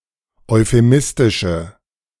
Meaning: inflection of euphemistisch: 1. strong/mixed nominative/accusative feminine singular 2. strong nominative/accusative plural 3. weak nominative all-gender singular
- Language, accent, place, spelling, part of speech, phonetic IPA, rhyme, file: German, Germany, Berlin, euphemistische, adjective, [ɔɪ̯feˈmɪstɪʃə], -ɪstɪʃə, De-euphemistische.ogg